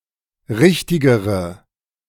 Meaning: inflection of richtig: 1. strong/mixed nominative/accusative feminine singular comparative degree 2. strong nominative/accusative plural comparative degree
- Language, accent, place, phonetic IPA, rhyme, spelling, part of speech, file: German, Germany, Berlin, [ˈʁɪçtɪɡəʁə], -ɪçtɪɡəʁə, richtigere, adjective, De-richtigere.ogg